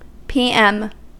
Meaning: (adverb) 1. In the 12-hour period from noon to midnight (the latter half of the day) when using the 12-hour clock 2. after death; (noun) Abbreviation of palm muting
- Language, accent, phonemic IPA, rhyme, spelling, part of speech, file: English, US, /piːˈɛm/, -ɛm, p.m., adverb / noun, En-us-p.m..ogg